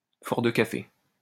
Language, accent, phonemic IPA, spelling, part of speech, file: French, France, /fɔʁ də ka.fe/, fort de café, adjective, LL-Q150 (fra)-fort de café.wav
- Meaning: brazen, rich